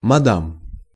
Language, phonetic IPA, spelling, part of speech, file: Russian, [mɐˈdam], мадам, noun, Ru-мадам.ogg
- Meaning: madam (polite term of address to a woman)